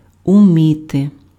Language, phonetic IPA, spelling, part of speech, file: Ukrainian, [ʊˈmʲite], уміти, verb, Uk-уміти.ogg
- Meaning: can, to be able to, to know how to